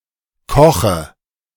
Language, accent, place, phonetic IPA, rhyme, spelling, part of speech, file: German, Germany, Berlin, [ˈkɔxə], -ɔxə, koche, verb, De-koche.ogg
- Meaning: inflection of kochen: 1. first-person singular present 2. singular imperative 3. first/third-person singular subjunctive I